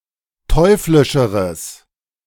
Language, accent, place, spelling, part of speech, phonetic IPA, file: German, Germany, Berlin, teuflischeres, adjective, [ˈtɔɪ̯flɪʃəʁəs], De-teuflischeres.ogg
- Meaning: strong/mixed nominative/accusative neuter singular comparative degree of teuflisch